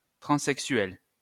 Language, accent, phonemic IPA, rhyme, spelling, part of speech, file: French, France, /tʁɑ̃.sɛk.sɥɛl/, -ɥɛl, transsexuel, adjective / noun, LL-Q150 (fra)-transsexuel.wav
- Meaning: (adjective) transsexual